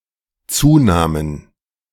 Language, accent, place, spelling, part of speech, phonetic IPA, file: German, Germany, Berlin, Zunamen, noun, [ˈt͡suːˌnaːmən], De-Zunamen.ogg
- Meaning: plural of Zuname